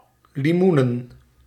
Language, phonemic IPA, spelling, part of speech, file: Dutch, /liˈmunə(n)/, limoenen, noun, Nl-limoenen.ogg
- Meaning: plural of limoen